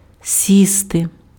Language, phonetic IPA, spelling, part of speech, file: Ukrainian, [ˈsʲiste], сісти, verb, Uk-сісти.ogg
- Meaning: 1. to sit down 2. to take, board (to get on a form of transport, such as a subway) 3. to land upon something (of insects, birds) 4. to set (of a heavenly body disappearing below the horizon)